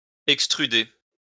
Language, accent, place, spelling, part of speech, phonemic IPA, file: French, France, Lyon, extruder, verb, /ɛk.stʁy.de/, LL-Q150 (fra)-extruder.wav
- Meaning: to extrude